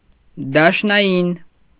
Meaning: federal
- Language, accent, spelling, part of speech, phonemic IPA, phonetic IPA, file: Armenian, Eastern Armenian, դաշնային, adjective, /dɑʃnɑˈjin/, [dɑʃnɑjín], Hy-դաշնային.ogg